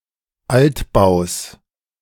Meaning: genitive singular of Altbau
- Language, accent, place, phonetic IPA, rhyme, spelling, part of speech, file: German, Germany, Berlin, [ˈaltˌbaʊ̯s], -altbaʊ̯s, Altbaus, noun, De-Altbaus.ogg